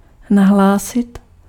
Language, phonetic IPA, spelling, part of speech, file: Czech, [ˈnaɦlaːsɪt], nahlásit, verb, Cs-nahlásit.ogg
- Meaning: to report